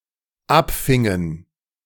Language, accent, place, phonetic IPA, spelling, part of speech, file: German, Germany, Berlin, [ˈapˌfɪŋən], abfingen, verb, De-abfingen.ogg
- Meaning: inflection of abfangen: 1. first/third-person plural dependent preterite 2. first/third-person plural dependent subjunctive II